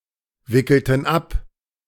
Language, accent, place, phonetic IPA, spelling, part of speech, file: German, Germany, Berlin, [ˌvɪkl̩tn̩ ˈap], wickelten ab, verb, De-wickelten ab.ogg
- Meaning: inflection of abwickeln: 1. first/third-person plural preterite 2. first/third-person plural subjunctive II